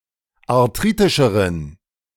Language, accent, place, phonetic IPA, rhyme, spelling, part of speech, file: German, Germany, Berlin, [aʁˈtʁiːtɪʃəʁən], -iːtɪʃəʁən, arthritischeren, adjective, De-arthritischeren.ogg
- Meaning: inflection of arthritisch: 1. strong genitive masculine/neuter singular comparative degree 2. weak/mixed genitive/dative all-gender singular comparative degree